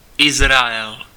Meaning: 1. Israel (a country in Western Asia in the Middle East, at the eastern shore of the Mediterranean) 2. a male given name from Hebrew, equivalent to English Israel 3. Israel (biblical character)
- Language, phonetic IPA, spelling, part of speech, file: Czech, [ˈɪzraɛl], Izrael, proper noun, Cs-Izrael.ogg